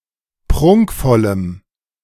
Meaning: strong dative masculine/neuter singular of prunkvoll
- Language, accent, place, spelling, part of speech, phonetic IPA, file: German, Germany, Berlin, prunkvollem, adjective, [ˈpʁʊŋkfɔləm], De-prunkvollem.ogg